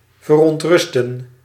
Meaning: to trouble, disturb
- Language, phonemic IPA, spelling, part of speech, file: Dutch, /vərɔntˈrʏstə(n)/, verontrusten, verb, Nl-verontrusten.ogg